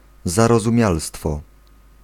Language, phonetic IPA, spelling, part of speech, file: Polish, [ˌzarɔzũˈmʲjalstfɔ], zarozumialstwo, noun, Pl-zarozumialstwo.ogg